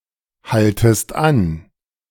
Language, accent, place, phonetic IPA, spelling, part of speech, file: German, Germany, Berlin, [ˌhaltəst ˈan], haltest an, verb, De-haltest an.ogg
- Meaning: second-person singular subjunctive I of anhalten